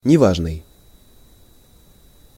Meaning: 1. unimportant 2. poor; pitiable
- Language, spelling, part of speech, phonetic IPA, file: Russian, неважный, adjective, [nʲɪˈvaʐnɨj], Ru-неважный.ogg